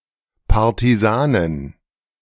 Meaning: partisan (female member of a body of detached light troops)
- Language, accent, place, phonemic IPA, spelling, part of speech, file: German, Germany, Berlin, /paʁtiˈzaːnɪn/, Partisanin, noun, De-Partisanin.ogg